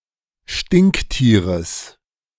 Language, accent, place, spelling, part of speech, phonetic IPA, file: German, Germany, Berlin, Stinktieres, noun, [ˈʃtɪŋkˌtiːʁəs], De-Stinktieres.ogg
- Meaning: genitive singular of Stinktier